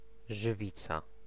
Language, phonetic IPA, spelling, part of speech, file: Polish, [ʒɨˈvʲit͡sa], żywica, noun, Pl-żywica.ogg